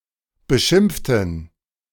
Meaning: inflection of beschimpfen: 1. first/third-person plural preterite 2. first/third-person plural subjunctive II
- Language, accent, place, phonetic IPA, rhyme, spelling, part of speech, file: German, Germany, Berlin, [bəˈʃɪmp͡ftn̩], -ɪmp͡ftn̩, beschimpften, adjective / verb, De-beschimpften.ogg